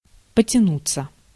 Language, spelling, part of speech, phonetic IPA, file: Russian, потянуться, verb, [pətʲɪˈnut͡sːə], Ru-потянуться.ogg
- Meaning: 1. to stretch (of a person, to take a stretch) 2. to reach 3. to follow in succession 4. passive of потяну́ть (potjanútʹ)